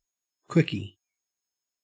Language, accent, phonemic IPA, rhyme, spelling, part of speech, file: English, Australia, /ˈkwɪki/, -ɪki, quickie, noun, En-au-quickie.ogg
- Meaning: 1. Something made or done swiftly 2. A brief sexual encounter 3. A fast bowler